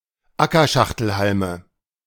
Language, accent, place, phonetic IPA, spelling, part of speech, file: German, Germany, Berlin, [ˈakɐˌʃaxtl̩halmə], Ackerschachtelhalme, noun, De-Ackerschachtelhalme.ogg
- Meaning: nominative/accusative/genitive plural of Ackerschachtelhalm